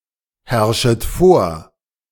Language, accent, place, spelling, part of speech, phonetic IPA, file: German, Germany, Berlin, herrschet vor, verb, [ˌhɛʁʃət ˈfoːɐ̯], De-herrschet vor.ogg
- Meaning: second-person plural subjunctive I of vorherrschen